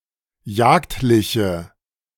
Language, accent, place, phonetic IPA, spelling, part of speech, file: German, Germany, Berlin, [ˈjaːktlɪçə], jagdliche, adjective, De-jagdliche.ogg
- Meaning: inflection of jagdlich: 1. strong/mixed nominative/accusative feminine singular 2. strong nominative/accusative plural 3. weak nominative all-gender singular